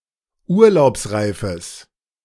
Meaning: strong/mixed nominative/accusative neuter singular of urlaubsreif
- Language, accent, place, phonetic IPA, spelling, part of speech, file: German, Germany, Berlin, [ˈuːɐ̯laʊ̯psˌʁaɪ̯fəs], urlaubsreifes, adjective, De-urlaubsreifes.ogg